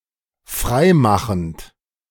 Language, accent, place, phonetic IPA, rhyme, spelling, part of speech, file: German, Germany, Berlin, [ˈfʁaɪ̯ˌmaxn̩t], -aɪ̯maxn̩t, freimachend, verb, De-freimachend.ogg
- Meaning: present participle of freimachen